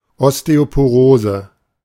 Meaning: osteoporosis
- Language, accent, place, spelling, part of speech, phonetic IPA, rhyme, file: German, Germany, Berlin, Osteoporose, noun, [ˌɔsteopoˈʁoːzə], -oːzə, De-Osteoporose.ogg